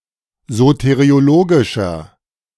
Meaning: inflection of soteriologisch: 1. strong/mixed nominative masculine singular 2. strong genitive/dative feminine singular 3. strong genitive plural
- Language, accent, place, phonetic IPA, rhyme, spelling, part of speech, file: German, Germany, Berlin, [ˌzoteʁioˈloːɡɪʃɐ], -oːɡɪʃɐ, soteriologischer, adjective, De-soteriologischer.ogg